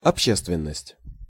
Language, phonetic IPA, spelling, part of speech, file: Russian, [ɐpˈɕːestvʲɪn(ː)əsʲtʲ], общественность, noun, Ru-общественность.ogg
- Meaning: public, community